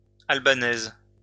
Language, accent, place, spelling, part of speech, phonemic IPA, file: French, France, Lyon, albanaises, adjective, /al.ba.nɛz/, LL-Q150 (fra)-albanaises.wav
- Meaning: feminine plural of albanais